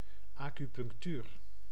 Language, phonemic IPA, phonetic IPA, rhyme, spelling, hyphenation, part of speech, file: Dutch, /ɑkypʏŋkˈtyr/, [ɑkypʏŋkˈtyːr], -yr, acupunctuur, acu‧punc‧tuur, noun, Nl-acupunctuur.ogg
- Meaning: acupuncture (insertion of needles for remedial purposes)